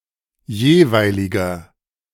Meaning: inflection of jeweilig: 1. strong/mixed nominative masculine singular 2. strong genitive/dative feminine singular 3. strong genitive plural
- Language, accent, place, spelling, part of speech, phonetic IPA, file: German, Germany, Berlin, jeweiliger, adjective, [ˈjeːˌvaɪ̯lɪɡɐ], De-jeweiliger.ogg